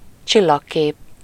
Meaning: constellation
- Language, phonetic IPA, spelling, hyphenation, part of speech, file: Hungarian, [ˈt͡ʃilːɒkːeːp], csillagkép, csil‧lag‧kép, noun, Hu-csillagkép.ogg